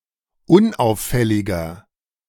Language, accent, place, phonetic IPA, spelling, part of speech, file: German, Germany, Berlin, [ˈʊnˌʔaʊ̯fɛlɪɡɐ], unauffälliger, adjective, De-unauffälliger.ogg
- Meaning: 1. comparative degree of unauffällig 2. inflection of unauffällig: strong/mixed nominative masculine singular 3. inflection of unauffällig: strong genitive/dative feminine singular